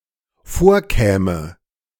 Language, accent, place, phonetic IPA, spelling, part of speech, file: German, Germany, Berlin, [ˈfoːɐ̯ˌkɛːmə], vorkäme, verb, De-vorkäme.ogg
- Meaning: first/third-person singular dependent subjunctive II of vorkommen